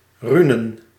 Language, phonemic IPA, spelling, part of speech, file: Dutch, /ˈrynə(n)/, runen, noun, Nl-runen.ogg
- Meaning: plural of rune